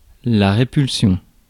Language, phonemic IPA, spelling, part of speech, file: French, /ʁe.pyl.sjɔ̃/, répulsion, noun, Fr-répulsion.ogg
- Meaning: repulsion